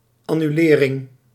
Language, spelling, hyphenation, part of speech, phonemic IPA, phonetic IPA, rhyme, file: Dutch, annulering, an‧nu‧le‧ring, noun, /ˌɑ.nyˈleː.rɪŋ/, [ˌɑ.nyˈlɪː.rɪŋ], -eːrɪŋ, Nl-annulering.ogg
- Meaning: cancellation